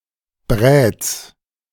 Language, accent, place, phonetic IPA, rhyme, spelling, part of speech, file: German, Germany, Berlin, [bʁɛːt͡s], -ɛːt͡s, Bräts, noun, De-Bräts.ogg
- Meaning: genitive singular of Brät